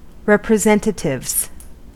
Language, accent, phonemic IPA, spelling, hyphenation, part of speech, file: English, US, /ˌɹɛpɹɪˈzɛntətɪvz/, representatives, rep‧re‧sen‧ta‧tives, noun, En-us-representatives.ogg
- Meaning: plural of representative